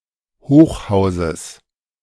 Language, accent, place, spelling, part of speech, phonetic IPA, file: German, Germany, Berlin, Hochhauses, noun, [ˈhoːxˌhaʊ̯zəs], De-Hochhauses.ogg
- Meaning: genitive singular of Hochhaus